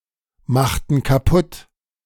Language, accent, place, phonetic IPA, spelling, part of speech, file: German, Germany, Berlin, [ˌmaxtn̩ kaˈpʊt], machten kaputt, verb, De-machten kaputt.ogg
- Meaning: inflection of kaputtmachen: 1. first/third-person plural preterite 2. first/third-person plural subjunctive II